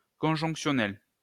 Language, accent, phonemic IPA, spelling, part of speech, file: French, France, /kɔ̃.ʒɔ̃k.sjɔ.nɛl/, conjonctionnel, adjective, LL-Q150 (fra)-conjonctionnel.wav
- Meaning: conjunctional